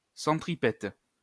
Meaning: 1. centripetal (directed or moving towards a centre) 2. centripetal
- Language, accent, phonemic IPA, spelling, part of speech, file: French, France, /sɑ̃.tʁi.pɛt/, centripète, adjective, LL-Q150 (fra)-centripète.wav